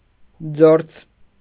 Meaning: 1. clothes, garments; outerwear 2. cloth, fabric, material; textile 3. rags, tatters
- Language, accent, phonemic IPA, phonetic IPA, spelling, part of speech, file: Armenian, Eastern Armenian, /d͡zoɾd͡z/, [d͡zoɾd͡z], ձորձ, noun, Hy-ձորձ.ogg